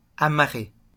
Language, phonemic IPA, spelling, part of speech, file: French, /a.ma.ʁe/, amarrer, verb, LL-Q150 (fra)-amarrer.wav
- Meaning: 1. to moor 2. to tie with rope